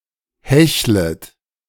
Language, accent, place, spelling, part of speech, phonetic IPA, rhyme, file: German, Germany, Berlin, hechlet, verb, [ˈhɛçlət], -ɛçlət, De-hechlet.ogg
- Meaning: second-person plural subjunctive I of hecheln